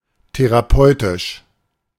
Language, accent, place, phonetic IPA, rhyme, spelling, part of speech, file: German, Germany, Berlin, [teʁaˈpɔɪ̯tɪʃ], -ɔɪ̯tɪʃ, therapeutisch, adjective, De-therapeutisch.ogg
- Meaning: therapeutic